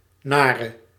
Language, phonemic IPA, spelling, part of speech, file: Dutch, /ˈnaːrə/, nare, adjective, Nl-nare.ogg
- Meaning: inflection of naar: 1. masculine/feminine singular attributive 2. definite neuter singular attributive 3. plural attributive